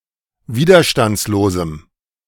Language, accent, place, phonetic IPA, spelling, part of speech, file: German, Germany, Berlin, [ˈviːdɐʃtant͡sloːzm̩], widerstandslosem, adjective, De-widerstandslosem.ogg
- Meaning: strong dative masculine/neuter singular of widerstandslos